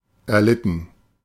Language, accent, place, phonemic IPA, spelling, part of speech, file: German, Germany, Berlin, /ɛɐ̯ˈlɪtn̩/, erlitten, verb, De-erlitten.ogg
- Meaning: 1. past participle of erleiden 2. inflection of erleiden: first/third-person plural preterite 3. inflection of erleiden: first/third-person plural subjunctive II